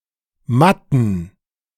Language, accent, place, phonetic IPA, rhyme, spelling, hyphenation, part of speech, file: German, Germany, Berlin, [ˈmatn̩], -atn̩, Matten, Mat‧ten, noun, De-Matten.ogg
- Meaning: plural of Matte (“mat”)